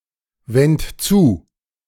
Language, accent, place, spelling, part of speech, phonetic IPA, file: German, Germany, Berlin, wend zu, verb, [ˌvɛnt ˈt͡suː], De-wend zu.ogg
- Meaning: 1. first-person plural preterite of zuwenden 2. third-person plural preterite of zuwenden# second-person plural preterite of zuwenden# singular imperative of zuwenden